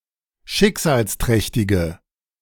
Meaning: inflection of schicksalsträchtig: 1. strong/mixed nominative/accusative feminine singular 2. strong nominative/accusative plural 3. weak nominative all-gender singular
- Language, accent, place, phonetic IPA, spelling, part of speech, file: German, Germany, Berlin, [ˈʃɪkzaːlsˌtʁɛçtɪɡə], schicksalsträchtige, adjective, De-schicksalsträchtige.ogg